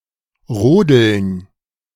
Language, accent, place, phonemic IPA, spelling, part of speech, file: German, Germany, Berlin, /ˈʁoːdl̩n/, Rodeln, noun, De-Rodeln.ogg
- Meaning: sledding (sport of racing on luges)